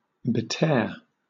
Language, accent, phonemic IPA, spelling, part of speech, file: English, Southern England, /bɪˈtɛɚ/, betear, verb, LL-Q1860 (eng)-betear.wav
- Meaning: To tear (rip); tear around the sides of; tatter